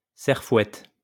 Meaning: hoe (for weeding)
- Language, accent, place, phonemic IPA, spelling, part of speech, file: French, France, Lyon, /sɛʁ.fwɛt/, serfouette, noun, LL-Q150 (fra)-serfouette.wav